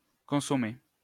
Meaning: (noun) consommé; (adjective) 1. consummate (complete in every detail, perfect) 2. consummate (highly skilled and experienced); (verb) past participle of consommer
- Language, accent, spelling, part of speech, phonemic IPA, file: French, France, consommé, noun / adjective / verb, /kɔ̃.sɔ.me/, LL-Q150 (fra)-consommé.wav